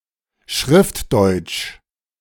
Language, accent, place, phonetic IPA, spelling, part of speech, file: German, Germany, Berlin, [ˈʃʁɪftˌdɔɪ̯t͡ʃ], Schriftdeutsch, noun, De-Schriftdeutsch.ogg
- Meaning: 1. written Standard German (the standard variety of the German language which is used when writing) 2. Standard German